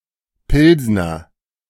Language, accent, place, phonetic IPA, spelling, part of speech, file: German, Germany, Berlin, [ˈpɪlznɐ], Pilsner, noun, De-Pilsner.ogg
- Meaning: alternative form of Pilsener